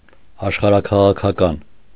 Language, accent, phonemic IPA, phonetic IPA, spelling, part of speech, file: Armenian, Eastern Armenian, /ɑʃχɑɾɑkʰɑʁɑkʰɑˈkɑn/, [ɑʃχɑɾɑkʰɑʁɑkʰɑkɑ́n], աշխարհաքաղաքական, adjective, Hy-աշխարհաքաղաքական.ogg
- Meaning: geopolitical